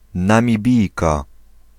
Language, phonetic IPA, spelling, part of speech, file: Polish, [ˌnãmʲiˈbʲijka], Namibijka, noun, Pl-Namibijka.ogg